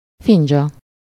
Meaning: cup, demitasse
- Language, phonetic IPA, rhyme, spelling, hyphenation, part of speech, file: Hungarian, [ˈfind͡ʒɒ], -d͡ʒɒ, findzsa, fin‧dzsa, noun, Hu-findzsa.ogg